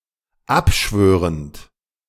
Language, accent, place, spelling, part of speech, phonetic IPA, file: German, Germany, Berlin, abschwörend, verb, [ˈapˌʃvøːʁənt], De-abschwörend.ogg
- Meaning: present participle of abschwören